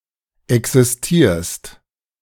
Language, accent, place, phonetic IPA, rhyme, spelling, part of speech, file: German, Germany, Berlin, [ɛksɪsˈtiːɐ̯st], -iːɐ̯st, existierst, verb, De-existierst.ogg
- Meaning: second-person singular present of existieren